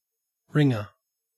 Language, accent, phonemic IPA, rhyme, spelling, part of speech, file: English, Australia, /ˈɹɪŋə(ɹ)/, -ɪŋə(ɹ), ringer, noun, En-au-ringer.ogg
- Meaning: 1. Someone who rings, especially a bell ringer 2. A crowbar 3. A person who places rings or bands on a bird's leg 4. A stockman, a cowboy